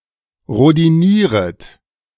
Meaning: second-person plural subjunctive I of rhodinieren
- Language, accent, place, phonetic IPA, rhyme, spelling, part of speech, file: German, Germany, Berlin, [ʁodiˈniːʁət], -iːʁət, rhodinieret, verb, De-rhodinieret.ogg